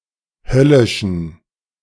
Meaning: inflection of höllisch: 1. strong genitive masculine/neuter singular 2. weak/mixed genitive/dative all-gender singular 3. strong/weak/mixed accusative masculine singular 4. strong dative plural
- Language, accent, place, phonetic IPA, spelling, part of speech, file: German, Germany, Berlin, [ˈhœlɪʃn̩], höllischen, adjective, De-höllischen.ogg